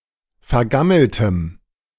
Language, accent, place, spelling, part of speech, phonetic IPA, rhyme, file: German, Germany, Berlin, vergammeltem, adjective, [fɛɐ̯ˈɡaml̩təm], -aml̩təm, De-vergammeltem.ogg
- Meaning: strong dative masculine/neuter singular of vergammelt